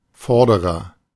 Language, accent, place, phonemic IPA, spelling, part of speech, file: German, Germany, Berlin, /ˈfɔʁdəʁɐ/, vorderer, adjective, De-vorderer.ogg
- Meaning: front, fore